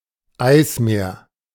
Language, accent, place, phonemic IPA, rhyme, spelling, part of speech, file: German, Germany, Berlin, /ˈaɪ̯sˌmeːɐ̯/, -eːɐ̯, Eismeer, noun, De-Eismeer.ogg
- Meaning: polar sea, (a sea or body near one of the Earth's poles)